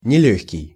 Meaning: 1. difficult, not easy, hard 2. heavy, not light
- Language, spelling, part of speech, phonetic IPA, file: Russian, нелёгкий, adjective, [nʲɪˈlʲɵxʲkʲɪj], Ru-нелёгкий.ogg